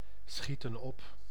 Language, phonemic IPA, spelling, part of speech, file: Dutch, /ˈsxitə(n) ˈɔp/, schieten op, verb, Nl-schieten op.ogg
- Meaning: inflection of opschieten: 1. plural present indicative 2. plural present subjunctive